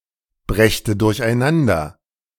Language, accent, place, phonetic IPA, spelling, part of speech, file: German, Germany, Berlin, [ˌbʁɛçtə dʊʁçʔaɪ̯ˈnandɐ], brächte durcheinander, verb, De-brächte durcheinander.ogg
- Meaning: first/third-person singular subjunctive II of durcheinanderbringen